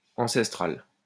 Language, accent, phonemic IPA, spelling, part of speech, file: French, France, /ɑ̃.sɛs.tʁal/, ancestral, adjective, LL-Q150 (fra)-ancestral.wav
- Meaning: ancestral